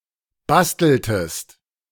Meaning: inflection of basteln: 1. second-person singular preterite 2. second-person singular subjunctive II
- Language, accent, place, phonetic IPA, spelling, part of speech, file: German, Germany, Berlin, [ˈbastl̩təst], basteltest, verb, De-basteltest.ogg